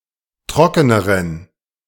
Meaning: inflection of trocken: 1. strong genitive masculine/neuter singular comparative degree 2. weak/mixed genitive/dative all-gender singular comparative degree
- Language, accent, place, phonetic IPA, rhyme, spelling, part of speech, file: German, Germany, Berlin, [ˈtʁɔkənəʁən], -ɔkənəʁən, trockeneren, adjective, De-trockeneren.ogg